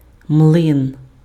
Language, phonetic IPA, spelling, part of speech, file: Ukrainian, [mɫɪn], млин, noun, Uk-млин.ogg
- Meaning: mill